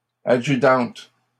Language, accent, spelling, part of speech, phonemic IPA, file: French, Canada, adjudante, noun, /a.dʒy.dɑ̃t/, LL-Q150 (fra)-adjudante.wav
- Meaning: female equivalent of adjudant